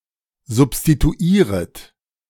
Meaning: second-person plural subjunctive I of substituieren
- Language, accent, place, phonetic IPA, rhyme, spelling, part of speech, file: German, Germany, Berlin, [zʊpstituˈiːʁət], -iːʁət, substituieret, verb, De-substituieret.ogg